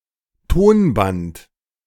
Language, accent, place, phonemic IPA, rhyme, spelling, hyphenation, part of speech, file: German, Germany, Berlin, /ˈtoːnˌbant/, -ant, Tonband, Ton‧band, noun, De-Tonband.ogg
- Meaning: 1. audiotape 2. tape recorder